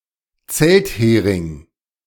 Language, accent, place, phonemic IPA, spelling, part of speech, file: German, Germany, Berlin, /ˈt͡sɛltˌheːʁɪŋ/, Zelthering, noun, De-Zelthering.ogg
- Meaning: tent peg